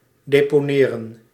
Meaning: to deposit, lay down, to put
- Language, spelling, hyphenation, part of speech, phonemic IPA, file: Dutch, deponeren, de‧po‧ne‧ren, verb, /ˌdeː.poːˈneː.rə(n)/, Nl-deponeren.ogg